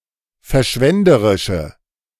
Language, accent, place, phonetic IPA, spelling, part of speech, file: German, Germany, Berlin, [fɛɐ̯ˈʃvɛndəʁɪʃə], verschwenderische, adjective, De-verschwenderische.ogg
- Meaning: inflection of verschwenderisch: 1. strong/mixed nominative/accusative feminine singular 2. strong nominative/accusative plural 3. weak nominative all-gender singular